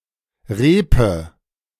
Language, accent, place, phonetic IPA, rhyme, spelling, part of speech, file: German, Germany, Berlin, [ˈʁeːpə], -eːpə, Reepe, noun, De-Reepe.ogg
- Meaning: nominative/accusative/genitive plural of Reep